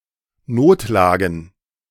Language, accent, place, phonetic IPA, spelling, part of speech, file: German, Germany, Berlin, [ˈnoːtˌlaːɡn̩], Notlagen, noun, De-Notlagen.ogg
- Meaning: plural of Notlage